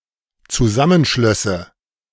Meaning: first/third-person singular dependent subjunctive II of zusammenschließen
- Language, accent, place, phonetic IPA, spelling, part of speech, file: German, Germany, Berlin, [t͡suˈzamənˌʃlœsə], zusammenschlösse, verb, De-zusammenschlösse.ogg